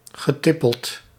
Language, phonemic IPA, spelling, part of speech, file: Dutch, /ɣəˈtɪpəlt/, getippeld, verb, Nl-getippeld.ogg
- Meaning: past participle of tippelen